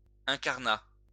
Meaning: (adjective) carnation; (noun) carnation (colour)
- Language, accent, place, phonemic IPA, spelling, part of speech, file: French, France, Lyon, /ɛ̃.kaʁ.na/, incarnat, adjective / noun, LL-Q150 (fra)-incarnat.wav